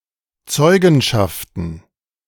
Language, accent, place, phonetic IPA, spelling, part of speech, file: German, Germany, Berlin, [ˈt͡sɔɪ̯ɡn̩ʃaftn̩], Zeugenschaften, noun, De-Zeugenschaften.ogg
- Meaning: plural of Zeugenschaft